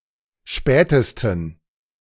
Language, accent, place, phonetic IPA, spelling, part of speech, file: German, Germany, Berlin, [ˈʃpɛːtəstn̩], spätesten, adjective, De-spätesten.ogg
- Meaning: 1. superlative degree of spät 2. inflection of spät: strong genitive masculine/neuter singular superlative degree